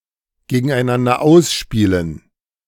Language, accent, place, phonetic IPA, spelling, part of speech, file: German, Germany, Berlin, [ˌɡeːɡn̩ʔaɪ̯ˈnandɐ ˈaʊ̯sˌʃpiːlən], gegeneinander ausspielen, verb, De-gegeneinander ausspielen.ogg
- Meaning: 1. to play off against each other 2. to pit against one another